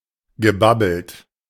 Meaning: past participle of babbeln
- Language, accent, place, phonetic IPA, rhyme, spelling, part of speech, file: German, Germany, Berlin, [ɡəˈbabl̩t], -abl̩t, gebabbelt, verb, De-gebabbelt.ogg